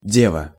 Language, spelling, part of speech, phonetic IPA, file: Russian, дева, noun, [ˈdʲevə], Ru-дева.ogg
- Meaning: maiden, maid, virgin